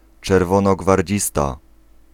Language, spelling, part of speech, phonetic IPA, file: Polish, czerwonogwardzista, noun, [ˌt͡ʃɛrvɔ̃nɔɡvarʲˈd͡ʑista], Pl-czerwonogwardzista.ogg